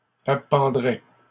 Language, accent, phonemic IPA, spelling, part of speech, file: French, Canada, /a.pɑ̃.dʁɛ/, appendrais, verb, LL-Q150 (fra)-appendrais.wav
- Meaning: first/second-person singular conditional of appendre